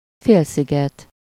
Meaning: peninsula (a piece of land projecting into water)
- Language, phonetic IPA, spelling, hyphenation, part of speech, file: Hungarian, [ˈfeːlsiɡɛt], félsziget, fél‧szi‧get, noun, Hu-félsziget.ogg